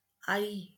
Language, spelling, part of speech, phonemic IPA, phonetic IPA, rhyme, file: Marathi, आई, noun, /ai/, [aiː], -ai, LL-Q1571 (mar)-आई.wav
- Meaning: mother